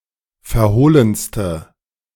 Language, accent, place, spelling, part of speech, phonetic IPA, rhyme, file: German, Germany, Berlin, verhohlenste, adjective, [fɛɐ̯ˈhoːlənstə], -oːlənstə, De-verhohlenste.ogg
- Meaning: inflection of verhohlen: 1. strong/mixed nominative/accusative feminine singular superlative degree 2. strong nominative/accusative plural superlative degree